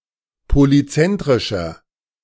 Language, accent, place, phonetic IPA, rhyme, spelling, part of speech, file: German, Germany, Berlin, [poliˈt͡sɛntʁɪʃɐ], -ɛntʁɪʃɐ, polyzentrischer, adjective, De-polyzentrischer.ogg
- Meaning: inflection of polyzentrisch: 1. strong/mixed nominative masculine singular 2. strong genitive/dative feminine singular 3. strong genitive plural